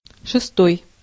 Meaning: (adjective) sixth; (noun) genitive/dative/instrumental/prepositional singular of шеста́я (šestája)
- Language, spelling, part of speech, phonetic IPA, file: Russian, шестой, adjective / noun, [ʂɨˈstoj], Ru-шестой.ogg